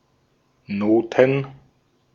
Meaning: 1. plural of Note 2. music (sheet music, written music)
- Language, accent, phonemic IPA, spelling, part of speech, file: German, Austria, /ˈnoːtn̩/, Noten, noun, De-at-Noten.ogg